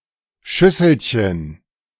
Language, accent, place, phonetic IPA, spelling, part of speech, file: German, Germany, Berlin, [ˈʃʏsl̩çən], Schüsselchen, noun, De-Schüsselchen.ogg
- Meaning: diminutive of Schüssel